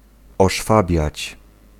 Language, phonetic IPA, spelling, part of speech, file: Polish, [ɔʃˈfabʲjät͡ɕ], oszwabiać, verb, Pl-oszwabiać.ogg